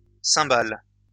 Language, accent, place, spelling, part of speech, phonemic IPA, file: French, France, Lyon, cymbales, noun, /sɛ̃.bal/, LL-Q150 (fra)-cymbales.wav
- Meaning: 1. plural of cymbale 2. cymbals